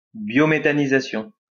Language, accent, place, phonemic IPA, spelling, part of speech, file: French, France, Lyon, /bjo.me.ta.ni.za.sjɔ̃/, biométhanisation, noun, LL-Q150 (fra)-biométhanisation.wav
- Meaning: biomethanization